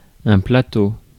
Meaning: 1. flat area 2. tray 3. plateau 4. stage (in theatre); set (of television broadcast) 5. chainring
- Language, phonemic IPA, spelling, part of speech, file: French, /pla.to/, plateau, noun, Fr-plateau.ogg